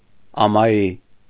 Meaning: 1. uninhabited, deserted 2. evacuated, vacated (temporarily emptied of its inhabitants) 3. empty, devoid, contentless
- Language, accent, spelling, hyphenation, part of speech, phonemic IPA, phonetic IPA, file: Armenian, Eastern Armenian, ամայի, ա‧մա‧յի, adjective, /ɑmɑˈji/, [ɑmɑjí], Hy-ամայի.ogg